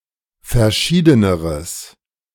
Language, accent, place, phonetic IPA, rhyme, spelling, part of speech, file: German, Germany, Berlin, [fɛɐ̯ˈʃiːdənəʁəs], -iːdənəʁəs, verschiedeneres, adjective, De-verschiedeneres.ogg
- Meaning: strong/mixed nominative/accusative neuter singular comparative degree of verschieden